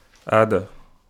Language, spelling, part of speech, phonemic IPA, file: Wolof, aada, noun, /aːda/, Wo-aada.ogg
- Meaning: custom, culture